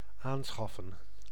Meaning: to purchase, to buy
- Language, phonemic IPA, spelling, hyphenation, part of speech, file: Dutch, /ˈaːnˌsxɑfə(n)/, aanschaffen, aan‧schaf‧fen, verb, Nl-aanschaffen.ogg